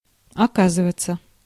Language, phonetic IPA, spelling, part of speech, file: Russian, [ɐˈkazɨvət͡sə], оказываться, verb, Ru-оказываться.ogg
- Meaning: 1. to turn out, to be found, to prove (to be) 2. to find oneself 3. to be found 4. in expressions 5. passive of ока́зывать (okázyvatʹ)